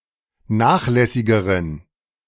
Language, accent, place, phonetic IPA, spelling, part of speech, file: German, Germany, Berlin, [ˈnaːxˌlɛsɪɡəʁən], nachlässigeren, adjective, De-nachlässigeren.ogg
- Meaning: inflection of nachlässig: 1. strong genitive masculine/neuter singular comparative degree 2. weak/mixed genitive/dative all-gender singular comparative degree